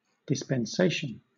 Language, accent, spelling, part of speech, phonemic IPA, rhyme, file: English, Southern England, dispensation, noun, /dɪsˌpɛnˈseɪʃən/, -eɪʃən, LL-Q1860 (eng)-dispensation.wav
- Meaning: 1. The act of dispensing or dealing out; distribution 2. The distribution of good and evil by God to man 3. That which is dispensed, dealt out, or given; that which is bestowed on someone